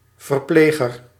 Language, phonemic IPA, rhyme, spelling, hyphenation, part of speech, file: Dutch, /vərˈpleː.ɣər/, -eːɣər, verpleger, ver‧ple‧ger, noun, Nl-verpleger.ogg
- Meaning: nurse